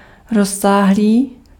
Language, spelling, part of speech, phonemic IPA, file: Czech, rozsáhlý, adjective, /ˈrɔs(ː)aːɦˌliː/, Cs-rozsáhlý.ogg
- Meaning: extensive